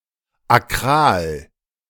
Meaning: acral
- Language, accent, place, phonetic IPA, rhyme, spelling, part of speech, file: German, Germany, Berlin, [aˈkʁaːl], -aːl, akral, adjective, De-akral.ogg